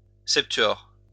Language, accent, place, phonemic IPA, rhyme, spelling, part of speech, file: French, France, Lyon, /sɛp.tɥɔʁ/, -ɔʁ, septuor, noun, LL-Q150 (fra)-septuor.wav
- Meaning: septet